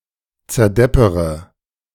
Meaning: inflection of zerdeppern: 1. first-person singular present 2. first-person plural subjunctive I 3. third-person singular subjunctive I 4. singular imperative
- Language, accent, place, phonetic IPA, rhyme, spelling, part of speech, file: German, Germany, Berlin, [t͡sɛɐ̯ˈdɛpəʁə], -ɛpəʁə, zerdeppere, verb, De-zerdeppere.ogg